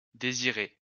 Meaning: a male given name of rare usage, variant of Didier, feminine equivalent Désirée
- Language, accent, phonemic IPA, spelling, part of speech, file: French, France, /de.zi.ʁe/, Désiré, proper noun, LL-Q150 (fra)-Désiré.wav